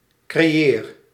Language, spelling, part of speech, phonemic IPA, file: Dutch, creëer, verb, /kreˈjer/, Nl-creëer.ogg
- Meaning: inflection of creëren: 1. first-person singular present indicative 2. second-person singular present indicative 3. imperative